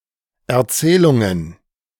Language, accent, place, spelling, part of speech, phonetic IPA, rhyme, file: German, Germany, Berlin, Erzählungen, noun, [ɛɐ̯ˈt͡sɛːlʊŋən], -ɛːlʊŋən, De-Erzählungen.ogg
- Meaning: plural of Erzählung